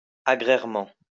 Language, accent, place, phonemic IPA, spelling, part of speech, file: French, France, Lyon, /a.ɡʁɛʁ.mɑ̃/, agrairement, adverb, LL-Q150 (fra)-agrairement.wav
- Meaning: agrarianly